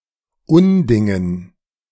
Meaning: dative plural of Unding
- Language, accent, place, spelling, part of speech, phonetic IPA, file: German, Germany, Berlin, Undingen, noun, [ˈʊnˌdɪŋən], De-Undingen.ogg